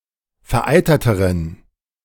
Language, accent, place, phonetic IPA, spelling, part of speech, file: German, Germany, Berlin, [fɛɐ̯ˈʔaɪ̯tɐtəʁən], vereiterteren, adjective, De-vereiterteren.ogg
- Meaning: inflection of vereitert: 1. strong genitive masculine/neuter singular comparative degree 2. weak/mixed genitive/dative all-gender singular comparative degree